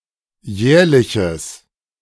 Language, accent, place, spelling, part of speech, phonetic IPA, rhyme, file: German, Germany, Berlin, jährliches, adjective, [ˈjɛːɐ̯lɪçəs], -ɛːɐ̯lɪçəs, De-jährliches.ogg
- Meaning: strong/mixed nominative/accusative neuter singular of jährlich